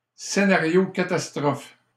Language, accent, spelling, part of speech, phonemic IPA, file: French, Canada, scénario catastrophe, noun, /se.na.ʁjo ka.tas.tʁɔf/, LL-Q150 (fra)-scénario catastrophe.wav
- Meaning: disaster scenario, worst case scenario